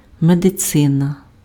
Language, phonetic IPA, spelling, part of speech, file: Ukrainian, [medeˈt͡sɪnɐ], медицина, noun, Uk-медицина.ogg
- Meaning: medicine (field of study and profession)